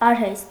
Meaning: handicraft, trade; craft; technical/manual profession, occupation
- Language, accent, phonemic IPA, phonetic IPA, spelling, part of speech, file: Armenian, Eastern Armenian, /ɑɾˈhest/, [ɑɾhést], արհեստ, noun, Hy-արհեստ.ogg